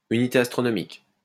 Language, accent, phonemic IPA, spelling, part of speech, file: French, France, /y.ni.te as.tʁɔ.nɔ.mik/, unité astronomique, noun, LL-Q150 (fra)-unité astronomique.wav
- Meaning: astronomical unit (symbol ua)